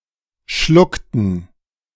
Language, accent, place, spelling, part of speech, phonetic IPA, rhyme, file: German, Germany, Berlin, schluckten, verb, [ˈʃlʊktn̩], -ʊktn̩, De-schluckten.ogg
- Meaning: inflection of schlucken: 1. first/third-person plural preterite 2. first/third-person plural subjunctive II